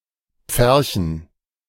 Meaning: dative plural of Pferch
- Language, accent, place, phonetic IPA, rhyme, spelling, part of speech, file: German, Germany, Berlin, [ˈp͡fɛʁçn̩], -ɛʁçn̩, Pferchen, noun, De-Pferchen.ogg